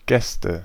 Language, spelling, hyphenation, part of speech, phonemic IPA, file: German, Gäste, Gäs‧te, noun, /ˈɡɛstə/, De-Gäste.ogg
- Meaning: nominative/accusative/genitive plural of Gast